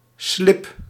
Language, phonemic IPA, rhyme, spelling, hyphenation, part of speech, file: Dutch, /slɪp/, -ɪp, slib, slib, noun, Nl-slib.ogg
- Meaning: 1. silt, mud or earth deposit 2. sediment